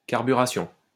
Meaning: carburetion
- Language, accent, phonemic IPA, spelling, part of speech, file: French, France, /kaʁ.by.ʁa.sjɔ̃/, carburation, noun, LL-Q150 (fra)-carburation.wav